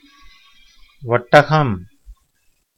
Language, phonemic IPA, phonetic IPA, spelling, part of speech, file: Tamil, /oʈːɐɡɐm/, [o̞ʈːɐɡɐm], ஒட்டகம், noun, Ta-ஒட்டகம்.ogg
- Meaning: camel